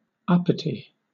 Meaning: 1. Presumptuous, above oneself, self-important; arrogant, snobbish, haughty 2. Exceeding one's station or position, assuming prerogatives to which one is not entitled
- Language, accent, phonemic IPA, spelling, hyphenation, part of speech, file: English, Southern England, /ˈʌpəti/, uppity, up‧pi‧ty, adjective, LL-Q1860 (eng)-uppity.wav